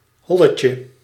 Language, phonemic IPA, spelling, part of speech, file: Dutch, /ˈhɔləcə/, holletje, noun, Nl-holletje.ogg
- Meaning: diminutive of hol